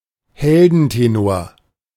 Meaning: heldentenor (a singer with a deep, strong voice that spans the range between baritone and tenor)
- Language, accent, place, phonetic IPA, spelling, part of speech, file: German, Germany, Berlin, [ˈhɛldn̩teˌnoːɐ̯], Heldentenor, noun, De-Heldentenor.ogg